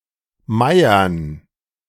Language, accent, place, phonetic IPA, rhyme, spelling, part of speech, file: German, Germany, Berlin, [ˈmaɪ̯ɐn], -aɪ̯ɐn, Meiern, noun, De-Meiern.ogg
- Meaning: dative plural of Meier